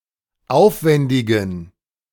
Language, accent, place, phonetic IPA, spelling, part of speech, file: German, Germany, Berlin, [ˈaʊ̯fˌvɛndɪɡn̩], aufwändigen, adjective, De-aufwändigen.ogg
- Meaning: inflection of aufwändig: 1. strong genitive masculine/neuter singular 2. weak/mixed genitive/dative all-gender singular 3. strong/weak/mixed accusative masculine singular 4. strong dative plural